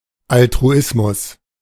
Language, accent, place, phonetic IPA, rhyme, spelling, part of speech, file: German, Germany, Berlin, [altʁuˈɪsmʊs], -ɪsmʊs, Altruismus, noun, De-Altruismus.ogg
- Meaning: altruism